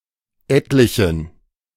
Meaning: inflection of etlich: 1. strong genitive masculine/neuter singular 2. weak/mixed genitive/dative all-gender singular 3. strong/weak/mixed accusative masculine singular 4. strong dative plural
- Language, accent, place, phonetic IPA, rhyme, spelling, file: German, Germany, Berlin, [ˈɛtlɪçn̩], -ɛtlɪçn̩, etlichen, De-etlichen.ogg